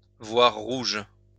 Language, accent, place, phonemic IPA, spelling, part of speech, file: French, France, Lyon, /vwaʁ ʁuʒ/, voir rouge, verb, LL-Q150 (fra)-voir rouge.wav
- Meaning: to see red; to become furious